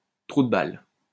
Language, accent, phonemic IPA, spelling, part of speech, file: French, France, /tʁu d(ə) bal/, trou de balle, noun, LL-Q150 (fra)-trou de balle.wav
- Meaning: 1. bung-hole, asshole (anus) 2. asshole, jerk